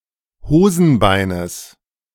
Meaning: genitive singular of Hosenbein
- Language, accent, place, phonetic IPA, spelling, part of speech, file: German, Germany, Berlin, [ˈhoːzn̩ˌbaɪ̯nəs], Hosenbeines, noun, De-Hosenbeines.ogg